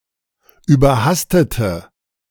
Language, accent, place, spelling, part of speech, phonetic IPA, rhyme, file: German, Germany, Berlin, überhastete, adjective / verb, [yːbɐˈhastətə], -astətə, De-überhastete.ogg
- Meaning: inflection of überhastet: 1. strong/mixed nominative/accusative feminine singular 2. strong nominative/accusative plural 3. weak nominative all-gender singular